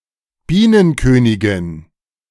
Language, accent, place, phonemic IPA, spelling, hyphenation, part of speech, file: German, Germany, Berlin, /ˈbiːnənˌkøːnɪɡɪn/, Bienenkönigin, Bie‧nen‧kö‧ni‧gin, noun, De-Bienenkönigin.ogg
- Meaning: A queen bee, reproductive female bee